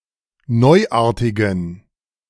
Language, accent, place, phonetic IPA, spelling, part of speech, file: German, Germany, Berlin, [ˈnɔɪ̯ˌʔaːɐ̯tɪɡn̩], neuartigen, adjective, De-neuartigen.ogg
- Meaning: inflection of neuartig: 1. strong genitive masculine/neuter singular 2. weak/mixed genitive/dative all-gender singular 3. strong/weak/mixed accusative masculine singular 4. strong dative plural